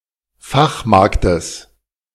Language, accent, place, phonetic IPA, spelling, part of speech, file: German, Germany, Berlin, [ˈfaxˌmaʁktəs], Fachmarktes, noun, De-Fachmarktes.ogg
- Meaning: genitive singular of Fachmarkt